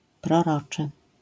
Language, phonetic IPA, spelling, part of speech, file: Polish, [prɔˈrɔt͡ʃɨ], proroczy, adjective, LL-Q809 (pol)-proroczy.wav